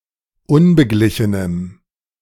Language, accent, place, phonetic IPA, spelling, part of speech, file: German, Germany, Berlin, [ˈʊnbəˌɡlɪçənəm], unbeglichenem, adjective, De-unbeglichenem.ogg
- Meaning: strong dative masculine/neuter singular of unbeglichen